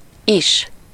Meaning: 1. also, too, as well 2. even, up to, as much as, as long as 3. again (used in a question to ask something one has forgotten)
- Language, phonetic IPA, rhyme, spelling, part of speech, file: Hungarian, [ˈiʃ], -iʃ, is, adverb, Hu-is.ogg